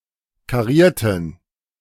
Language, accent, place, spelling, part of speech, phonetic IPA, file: German, Germany, Berlin, karierten, adjective / verb, [kaˈʁiːɐ̯tən], De-karierten.ogg
- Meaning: inflection of kariert: 1. strong genitive masculine/neuter singular 2. weak/mixed genitive/dative all-gender singular 3. strong/weak/mixed accusative masculine singular 4. strong dative plural